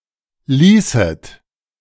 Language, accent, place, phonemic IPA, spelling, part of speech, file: German, Germany, Berlin, /ˈliːsət/, ließet, verb, De-ließet.ogg
- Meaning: second-person plural subjunctive II of lassen